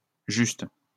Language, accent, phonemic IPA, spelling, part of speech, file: French, France, /ʒyst/, justes, adjective, LL-Q150 (fra)-justes.wav
- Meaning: 1. plural of juste 2. feminine plural of juste